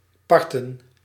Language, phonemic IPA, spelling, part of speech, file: Dutch, /ˈpɑrtə(n)/, parten, verb / noun, Nl-parten.ogg
- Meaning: plural of part